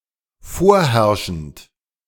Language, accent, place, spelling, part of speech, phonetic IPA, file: German, Germany, Berlin, vorherrschend, verb, [ˈfoːɐ̯ˌhɛʁʃn̩t], De-vorherrschend.ogg
- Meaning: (verb) present participle of vorherrschen; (adjective) 1. prevalent, prevailing 2. incumbent 3. predominant 4. endemic